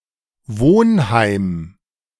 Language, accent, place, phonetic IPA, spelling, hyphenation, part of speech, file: German, Germany, Berlin, [ˈvoːnˌhaɪ̯m], Wohnheim, Wohn‧heim, noun, De-Wohnheim.ogg
- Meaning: hostel, boarding house, dormitory